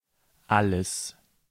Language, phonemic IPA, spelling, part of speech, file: German, /ˈaləs/, alles, pronoun / determiner, De-alles.ogg
- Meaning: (pronoun) 1. everything; all 2. all (as in "we all" etc.) 3. Used with an interrogative to express that the answer probably covers more than one item, like dialectal English all